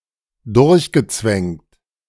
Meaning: past participle of durchzwängen
- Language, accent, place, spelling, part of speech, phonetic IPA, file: German, Germany, Berlin, durchgezwängt, verb, [ˈdʊʁçɡəˌt͡svɛŋt], De-durchgezwängt.ogg